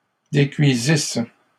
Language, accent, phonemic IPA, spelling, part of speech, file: French, Canada, /de.kɥi.zis/, décuisisses, verb, LL-Q150 (fra)-décuisisses.wav
- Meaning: second-person singular imperfect subjunctive of décuire